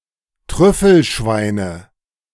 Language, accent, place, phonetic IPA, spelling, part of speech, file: German, Germany, Berlin, [ˈtʁʏfl̩ˌʃvaɪ̯nə], Trüffelschweine, noun, De-Trüffelschweine.ogg
- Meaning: nominative/accusative/genitive plural of Trüffelschwein